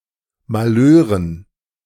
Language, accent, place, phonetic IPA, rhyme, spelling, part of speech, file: German, Germany, Berlin, [maˈløːʁən], -øːʁən, Malheuren, noun, De-Malheuren.ogg
- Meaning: dative plural of Malheur